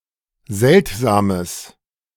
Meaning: strong/mixed nominative/accusative neuter singular of seltsam
- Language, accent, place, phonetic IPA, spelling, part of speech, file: German, Germany, Berlin, [ˈzɛltzaːməs], seltsames, adjective, De-seltsames.ogg